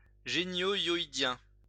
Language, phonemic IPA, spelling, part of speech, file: French, /jɔ.i.djɛ̃/, hyoïdien, adjective, LL-Q150 (fra)-hyoïdien.wav
- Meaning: hyoid, hyoidal